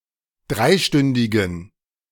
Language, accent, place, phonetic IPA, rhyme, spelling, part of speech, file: German, Germany, Berlin, [ˈdʁaɪ̯ˌʃtʏndɪɡn̩], -aɪ̯ʃtʏndɪɡn̩, dreistündigen, adjective, De-dreistündigen.ogg
- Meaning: inflection of dreistündig: 1. strong genitive masculine/neuter singular 2. weak/mixed genitive/dative all-gender singular 3. strong/weak/mixed accusative masculine singular 4. strong dative plural